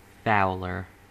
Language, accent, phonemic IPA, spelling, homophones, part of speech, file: English, US, /ˈfaʊl.ɚ/, fouler, fowler, noun / adjective, En-us-fouler.ogg
- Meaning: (noun) One who fouls; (adjective) comparative form of foul: more foul